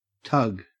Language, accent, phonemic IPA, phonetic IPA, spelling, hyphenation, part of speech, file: English, Australia, /ˈtɐɡ/, [ˈtʰɐ̞ɡ], tug, tug, verb / noun, En-au-tug.ogg
- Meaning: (verb) 1. To pull or drag with great effort 2. To pull hard repeatedly 3. To tow by tugboat 4. To masturbate; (noun) 1. A sudden powerful pull 2. A tugboat